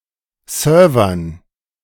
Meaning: dative plural of Server
- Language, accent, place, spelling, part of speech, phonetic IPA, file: German, Germany, Berlin, Servern, noun, [ˈsœːɐ̯vɐn], De-Servern.ogg